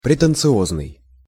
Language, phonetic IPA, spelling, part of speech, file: Russian, [prʲɪtɨnt͡sɨˈoznɨj], претенциозный, adjective, Ru-претенциозный.ogg
- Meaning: 1. pretentious, affected 2. ambitious (showy) 3. grandiose 4. orotund 5. brassy 6. rococo 7. artsy-fartsy